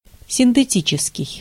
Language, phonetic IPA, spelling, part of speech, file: Russian, [sʲɪntɨˈtʲit͡ɕɪskʲɪj], синтетический, adjective, Ru-синтетический.ogg
- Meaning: synthetic